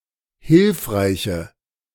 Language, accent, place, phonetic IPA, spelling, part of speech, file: German, Germany, Berlin, [ˈhɪlfʁaɪ̯çə], hilfreiche, adjective, De-hilfreiche.ogg
- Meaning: inflection of hilfreich: 1. strong/mixed nominative/accusative feminine singular 2. strong nominative/accusative plural 3. weak nominative all-gender singular